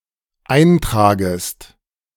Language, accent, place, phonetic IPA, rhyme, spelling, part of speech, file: German, Germany, Berlin, [ˈaɪ̯nˌtʁaːɡəst], -aɪ̯ntʁaːɡəst, eintragest, verb, De-eintragest.ogg
- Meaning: second-person singular dependent subjunctive I of eintragen